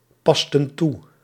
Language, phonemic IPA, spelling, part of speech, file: Dutch, /ˈpɑstə(n) ˈtu/, pasten toe, verb, Nl-pasten toe.ogg
- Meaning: inflection of toepassen: 1. plural past indicative 2. plural past subjunctive